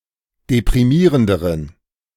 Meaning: inflection of deprimierend: 1. strong genitive masculine/neuter singular comparative degree 2. weak/mixed genitive/dative all-gender singular comparative degree
- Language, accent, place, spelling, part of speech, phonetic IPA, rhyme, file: German, Germany, Berlin, deprimierenderen, adjective, [depʁiˈmiːʁəndəʁən], -iːʁəndəʁən, De-deprimierenderen.ogg